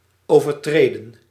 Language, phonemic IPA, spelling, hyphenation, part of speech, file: Dutch, /ˌoː.vərˈtreː.də(n)/, overtreden, over‧tre‧den, verb, Nl-overtreden.ogg
- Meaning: 1. to break, to transgress, to violate 2. past participle of overtreden